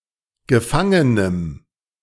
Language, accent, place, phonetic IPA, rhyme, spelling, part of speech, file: German, Germany, Berlin, [ɡəˈfaŋənəm], -aŋənəm, gefangenem, adjective, De-gefangenem.ogg
- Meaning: strong dative masculine/neuter singular of gefangen